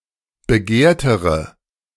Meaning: inflection of begehrt: 1. strong/mixed nominative/accusative feminine singular comparative degree 2. strong nominative/accusative plural comparative degree
- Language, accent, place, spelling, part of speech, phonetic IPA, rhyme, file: German, Germany, Berlin, begehrtere, adjective, [bəˈɡeːɐ̯təʁə], -eːɐ̯təʁə, De-begehrtere.ogg